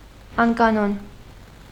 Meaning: irregular
- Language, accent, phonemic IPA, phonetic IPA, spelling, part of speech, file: Armenian, Eastern Armenian, /ɑnkɑˈnon/, [ɑŋkɑnón], անկանոն, adjective, Hy-անկանոն.ogg